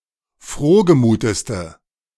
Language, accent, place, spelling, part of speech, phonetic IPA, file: German, Germany, Berlin, frohgemuteste, adjective, [ˈfʁoːɡəˌmuːtəstə], De-frohgemuteste.ogg
- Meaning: inflection of frohgemut: 1. strong/mixed nominative/accusative feminine singular superlative degree 2. strong nominative/accusative plural superlative degree